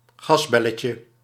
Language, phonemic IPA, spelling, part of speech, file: Dutch, /ˈɣɑzbɛləcə/, gasbelletje, noun, Nl-gasbelletje.ogg
- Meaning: diminutive of gasbel